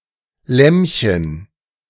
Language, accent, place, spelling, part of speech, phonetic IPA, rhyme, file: German, Germany, Berlin, Lämmchen, noun / proper noun, [ˈlɛmçən], -ɛmçən, De-Lämmchen.ogg
- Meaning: diminutive of Lamm